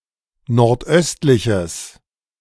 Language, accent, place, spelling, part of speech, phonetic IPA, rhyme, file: German, Germany, Berlin, nordöstliches, adjective, [nɔʁtˈʔœstlɪçəs], -œstlɪçəs, De-nordöstliches.ogg
- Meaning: strong/mixed nominative/accusative neuter singular of nordöstlich